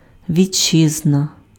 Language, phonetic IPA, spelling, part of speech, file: Ukrainian, [ʋʲiˈt͡ʃːɪznɐ], вітчизна, noun, Uk-вітчизна.ogg
- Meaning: homeland, fatherland, motherland